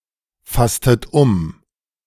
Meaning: inflection of umfassen: 1. second-person plural preterite 2. second-person plural subjunctive II
- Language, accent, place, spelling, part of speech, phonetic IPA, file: German, Germany, Berlin, fasstet um, verb, [ˌfastət ˈʊm], De-fasstet um.ogg